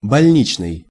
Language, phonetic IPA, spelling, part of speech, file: Russian, [bɐlʲˈnʲit͡ɕnɨj], больничный, adjective / noun, Ru-больничный.ogg
- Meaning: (adjective) hospital; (noun) 1. medical certificate, sick list 2. sick leave